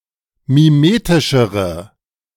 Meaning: inflection of mimetisch: 1. strong/mixed nominative/accusative feminine singular comparative degree 2. strong nominative/accusative plural comparative degree
- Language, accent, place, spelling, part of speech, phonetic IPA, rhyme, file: German, Germany, Berlin, mimetischere, adjective, [miˈmeːtɪʃəʁə], -eːtɪʃəʁə, De-mimetischere.ogg